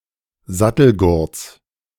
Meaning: genitive singular of Sattelgurt
- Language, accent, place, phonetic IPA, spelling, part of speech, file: German, Germany, Berlin, [ˈzatl̩ˌɡʊʁt͡s], Sattelgurts, noun, De-Sattelgurts.ogg